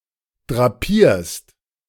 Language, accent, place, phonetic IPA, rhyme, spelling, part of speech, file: German, Germany, Berlin, [dʁaˈpiːɐ̯st], -iːɐ̯st, drapierst, verb, De-drapierst.ogg
- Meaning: second-person singular present of drapieren